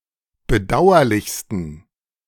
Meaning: 1. superlative degree of bedauerlich 2. inflection of bedauerlich: strong genitive masculine/neuter singular superlative degree
- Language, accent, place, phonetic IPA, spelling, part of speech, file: German, Germany, Berlin, [bəˈdaʊ̯ɐlɪçstn̩], bedauerlichsten, adjective, De-bedauerlichsten.ogg